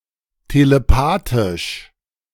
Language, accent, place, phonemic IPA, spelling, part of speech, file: German, Germany, Berlin, /teleˈpaːtɪʃ/, telepathisch, adjective, De-telepathisch.ogg
- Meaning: telepathic